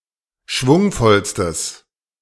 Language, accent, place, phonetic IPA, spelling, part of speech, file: German, Germany, Berlin, [ˈʃvʊŋfɔlstəs], schwungvollstes, adjective, De-schwungvollstes.ogg
- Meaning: strong/mixed nominative/accusative neuter singular superlative degree of schwungvoll